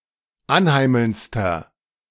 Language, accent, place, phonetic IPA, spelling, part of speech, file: German, Germany, Berlin, [ˈanˌhaɪ̯ml̩nt͡stɐ], anheimelndster, adjective, De-anheimelndster.ogg
- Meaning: inflection of anheimelnd: 1. strong/mixed nominative masculine singular superlative degree 2. strong genitive/dative feminine singular superlative degree 3. strong genitive plural superlative degree